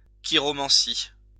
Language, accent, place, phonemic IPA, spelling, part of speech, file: French, France, Lyon, /ki.ʁɔ.mɑ̃.si/, chiromancie, noun, LL-Q150 (fra)-chiromancie.wav
- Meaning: chiromancy